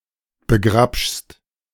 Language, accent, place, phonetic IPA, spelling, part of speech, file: German, Germany, Berlin, [bəˈɡʁapʃst], begrapschst, verb, De-begrapschst.ogg
- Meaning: second-person singular present of begrapschen